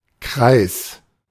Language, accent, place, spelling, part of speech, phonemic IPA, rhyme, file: German, Germany, Berlin, Kreis, noun, /kʁaɪ̯s/, -aɪ̯s, De-Kreis.ogg
- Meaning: 1. circle 2. range, scope 3. a type of territorial administrative division, district 4. a group of people united by a common interest 5. cycle